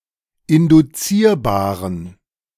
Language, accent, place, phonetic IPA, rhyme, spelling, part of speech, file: German, Germany, Berlin, [ɪndʊˈt͡siːɐ̯baːʁən], -iːɐ̯baːʁən, induzierbaren, adjective, De-induzierbaren.ogg
- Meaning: inflection of induzierbar: 1. strong genitive masculine/neuter singular 2. weak/mixed genitive/dative all-gender singular 3. strong/weak/mixed accusative masculine singular 4. strong dative plural